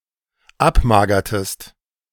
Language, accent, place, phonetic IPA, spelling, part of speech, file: German, Germany, Berlin, [ˈapˌmaːɡɐtəst], abmagertest, verb, De-abmagertest.ogg
- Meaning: inflection of abmagern: 1. second-person singular dependent preterite 2. second-person singular dependent subjunctive II